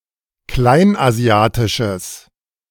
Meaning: strong/mixed nominative/accusative neuter singular of kleinasiatisch
- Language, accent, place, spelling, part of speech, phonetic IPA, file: German, Germany, Berlin, kleinasiatisches, adjective, [ˈklaɪ̯nʔaˌzi̯aːtɪʃəs], De-kleinasiatisches.ogg